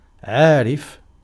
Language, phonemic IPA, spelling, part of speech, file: Arabic, /ʕaː.rif/, عارف, adjective / noun, Ar-عارف.ogg
- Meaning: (adjective) 1. knowing 2. acquainted, familiar (بِ (bi) with); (noun) 1. expert, connoisseur 2. master